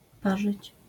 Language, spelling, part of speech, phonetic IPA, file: Polish, parzyć, verb, [ˈpaʒɨt͡ɕ], LL-Q809 (pol)-parzyć.wav